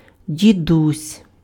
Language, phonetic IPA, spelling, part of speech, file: Ukrainian, [dʲiˈdusʲ], дідусь, noun, Uk-дідусь.ogg
- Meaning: 1. diminutive of дід (did, “grandfather”) 2. endearing form of дід (did, “grandfather”)